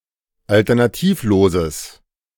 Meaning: strong/mixed nominative/accusative neuter singular of alternativlos
- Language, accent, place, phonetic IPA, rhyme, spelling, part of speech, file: German, Germany, Berlin, [ˌaltɐnaˈtiːfˌloːzəs], -iːfloːzəs, alternativloses, adjective, De-alternativloses.ogg